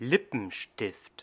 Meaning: 1. lipstick (stick of coloring substance) 2. lipstick (the substance as such)
- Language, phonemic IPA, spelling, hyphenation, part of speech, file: German, /ˈlɪpənˌʃtɪft/, Lippenstift, Lip‧pen‧stift, noun, De-Lippenstift.ogg